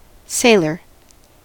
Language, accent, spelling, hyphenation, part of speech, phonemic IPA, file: English, US, sailor, sail‧or, noun, /ˈseɪ.lɚ/, En-us-sailor.ogg
- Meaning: A person who sails; one whose occupation is sailing or navigating ships or other waterborne craft